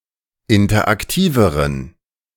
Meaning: inflection of interaktiv: 1. strong genitive masculine/neuter singular comparative degree 2. weak/mixed genitive/dative all-gender singular comparative degree
- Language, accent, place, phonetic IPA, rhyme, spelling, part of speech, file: German, Germany, Berlin, [ˌɪntɐʔakˈtiːvəʁən], -iːvəʁən, interaktiveren, adjective, De-interaktiveren.ogg